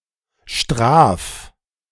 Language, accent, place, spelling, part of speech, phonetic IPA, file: German, Germany, Berlin, straf, verb, [ʃtʁaːf], De-straf.ogg
- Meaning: 1. singular imperative of strafen 2. first-person singular present of strafen